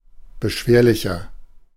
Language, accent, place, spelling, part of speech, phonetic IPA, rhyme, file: German, Germany, Berlin, beschwerlicher, adjective, [bəˈʃveːɐ̯lɪçɐ], -eːɐ̯lɪçɐ, De-beschwerlicher.ogg
- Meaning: 1. comparative degree of beschwerlich 2. inflection of beschwerlich: strong/mixed nominative masculine singular 3. inflection of beschwerlich: strong genitive/dative feminine singular